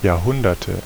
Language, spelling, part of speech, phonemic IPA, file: German, Jahrhunderte, noun, /jaːɐ̯ˈhʊndɐtə/, De-Jahrhunderte.ogg
- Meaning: nominative/accusative/genitive plural of Jahrhundert